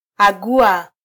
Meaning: to divine, foretell, predict
- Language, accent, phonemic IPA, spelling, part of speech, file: Swahili, Kenya, /ɑˈɠu.ɑ/, agua, verb, Sw-ke-agua.flac